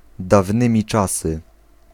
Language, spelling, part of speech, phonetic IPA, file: Polish, dawnymi czasy, adverbial phrase, [davˈnɨ̃mʲi ˈt͡ʃasɨ], Pl-dawnymi czasy.ogg